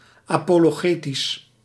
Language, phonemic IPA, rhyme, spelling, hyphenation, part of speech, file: Dutch, /ˌaː.poː.loːˈɣeː.tis/, -eːtis, apologetisch, apo‧lo‧ge‧tisch, adjective, Nl-apologetisch.ogg
- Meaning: apologetic (pertaining to formal defence, pertaining to apologetics)